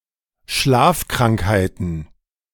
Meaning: plural of Schlafkrankheit
- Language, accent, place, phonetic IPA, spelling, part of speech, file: German, Germany, Berlin, [ˈʃlaːfˌkʁaŋkhaɪ̯tn̩], Schlafkrankheiten, noun, De-Schlafkrankheiten.ogg